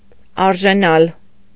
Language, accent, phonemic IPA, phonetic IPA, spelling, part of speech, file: Armenian, Eastern Armenian, /ɑɾʒeˈnɑl/, [ɑɾʒenɑ́l], արժենալ, verb, Hy-արժենալ.ogg
- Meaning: to cost, be worth